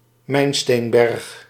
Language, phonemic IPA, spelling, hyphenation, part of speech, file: Dutch, /ˈmɛi̯nˌsteːn.bɛrx/, mijnsteenberg, mijn‧steen‧berg, noun, Nl-mijnsteenberg.ogg
- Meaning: spoil heap (mound made up of rubble from mining excavations)